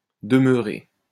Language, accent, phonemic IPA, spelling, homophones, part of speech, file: French, France, /də.mœ.ʁe/, demeuré, demeurer, verb / noun, LL-Q150 (fra)-demeuré.wav
- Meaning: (verb) past participle of demeurer; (noun) 1. person with a mental handicap 2. idiot, retard, stupid person